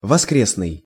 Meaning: Sunday
- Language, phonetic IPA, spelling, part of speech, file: Russian, [vɐˈskrʲesnɨj], воскресный, adjective, Ru-воскресный.ogg